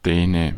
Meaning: Dane (person from Denmark) (male or unspecified)
- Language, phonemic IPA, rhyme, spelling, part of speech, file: German, /ˈdɛːnə/, -ɛːnə, Däne, noun, De-Däne.ogg